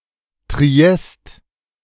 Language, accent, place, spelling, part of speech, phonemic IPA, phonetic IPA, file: German, Germany, Berlin, Triest, proper noun, /triˈɛst/, [tʁiˈ(j)ɛst], De-Triest.ogg
- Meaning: Trieste (the capital city of the Friuli-Venezia Giulia autonomous region, Italy)